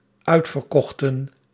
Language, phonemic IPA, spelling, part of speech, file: Dutch, /ˈœy̯t.fər.ˌkɔx.tə(n)/, uitverkochten, verb, Nl-uitverkochten.ogg
- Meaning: inflection of uitverkopen: 1. plural dependent-clause past indicative 2. plural dependent-clause past subjunctive